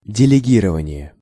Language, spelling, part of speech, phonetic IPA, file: Russian, делегирование, noun, [dʲɪlʲɪˈɡʲirəvənʲɪje], Ru-делегирование.ogg
- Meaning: delegation